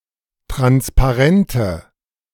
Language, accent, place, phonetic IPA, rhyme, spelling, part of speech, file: German, Germany, Berlin, [ˌtʁanspaˈʁɛntə], -ɛntə, Transparente, noun, De-Transparente.ogg
- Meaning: nominative/accusative/genitive plural of Transparent